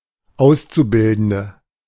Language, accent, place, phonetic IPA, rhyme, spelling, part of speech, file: German, Germany, Berlin, [ˈaʊ̯st͡suˌbɪldn̩də], -aʊ̯st͡subɪldn̩də, Auszubildende, noun, De-Auszubildende.ogg
- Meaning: 1. female equivalent of Auszubildender: female apprentice, female trainee 2. inflection of Auszubildender: strong nominative/accusative plural 3. inflection of Auszubildender: weak nominative singular